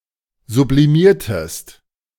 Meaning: inflection of sublimieren: 1. second-person singular preterite 2. second-person singular subjunctive II
- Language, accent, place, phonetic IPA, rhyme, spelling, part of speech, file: German, Germany, Berlin, [zubliˈmiːɐ̯təst], -iːɐ̯təst, sublimiertest, verb, De-sublimiertest.ogg